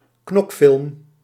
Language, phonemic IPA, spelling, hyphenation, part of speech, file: Dutch, /ˈknɔk.fɪlm/, knokfilm, knok‧film, noun, Nl-knokfilm.ogg
- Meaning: action movie, action film